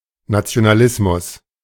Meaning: nationalism
- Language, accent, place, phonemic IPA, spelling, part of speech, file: German, Germany, Berlin, /natsi̯onaˈlɪsmʊs/, Nationalismus, noun, De-Nationalismus.ogg